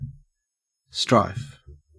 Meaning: 1. Striving; earnest endeavor; hard work 2. Exertion or contention for superiority, either by physical or intellectual means 3. Bitter conflict, sometimes violent 4. A trouble of any kind
- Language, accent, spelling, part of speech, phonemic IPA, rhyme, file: English, Australia, strife, noun, /stɹaɪf/, -aɪf, En-au-strife.ogg